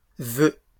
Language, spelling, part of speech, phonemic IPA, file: French, voeux, noun, /vø/, LL-Q150 (fra)-voeux.wav
- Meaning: nonstandard spelling of vœux